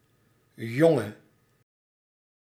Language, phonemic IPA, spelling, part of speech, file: Dutch, /ˈjɔŋə/, jonge, adjective / verb, Nl-jonge.ogg
- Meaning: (adjective) inflection of jong: 1. masculine/feminine singular attributive 2. definite neuter singular attributive 3. plural attributive; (verb) singular present subjunctive of jongen